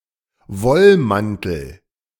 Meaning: woolen coat, wool coat
- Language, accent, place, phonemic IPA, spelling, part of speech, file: German, Germany, Berlin, /ˈvɔlˌmantəl/, Wollmantel, noun, De-Wollmantel.ogg